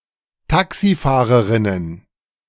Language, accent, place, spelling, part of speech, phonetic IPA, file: German, Germany, Berlin, Taxifahrerinnen, noun, [ˈtaksiˌfaːʁəʁɪnən], De-Taxifahrerinnen.ogg
- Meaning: plural of Taxifahrerin